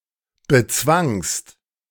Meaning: second-person singular preterite of bezwingen
- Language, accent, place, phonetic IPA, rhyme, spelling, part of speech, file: German, Germany, Berlin, [bəˈt͡svaŋst], -aŋst, bezwangst, verb, De-bezwangst.ogg